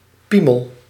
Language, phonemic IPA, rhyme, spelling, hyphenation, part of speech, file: Dutch, /ˈpi.məl/, -iməl, piemel, pie‧mel, noun, Nl-piemel.ogg
- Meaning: 1. pecker, cock, dick, euphemism for penis 2. urine